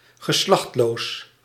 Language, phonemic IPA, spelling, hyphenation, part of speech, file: Dutch, /ɣəˈslɑxtsˌloːs/, geslachtsloos, ge‧slachts‧loos, adjective, Nl-geslachtsloos.ogg
- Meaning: alternative form of geslachtloos